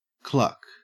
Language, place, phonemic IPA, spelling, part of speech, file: English, Queensland, /klɐk/, cluck, noun / verb, En-au-cluck.ogg
- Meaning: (noun) 1. The sound made by a hen, especially when brooding, or calling her chicks 2. Any sound similar to this 3. A kind of tongue click used to urge on a horse 4. A setting hen